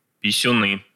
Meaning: nominative/accusative plural of писю́н (pisjún)
- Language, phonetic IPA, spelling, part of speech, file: Russian, [pʲɪsʲʊˈnɨ], писюны, noun, Ru-писюны.ogg